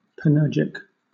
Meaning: 1. Reading to do anything; meddling 2. Skilled in all kinds of work
- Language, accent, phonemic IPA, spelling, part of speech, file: English, Southern England, /pænˈɜː(ɹ)d͡ʒɪk/, panurgic, adjective, LL-Q1860 (eng)-panurgic.wav